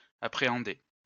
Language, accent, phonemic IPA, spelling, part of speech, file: French, France, /a.pʁe.ɑ̃.de/, appréhender, verb, LL-Q150 (fra)-appréhender.wav
- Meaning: 1. to dread, apprehend 2. to catch, apprehend